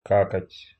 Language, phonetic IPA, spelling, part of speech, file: Russian, [ˈkakətʲ], какать, verb, Ru-какать.ogg
- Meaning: to poop, to crap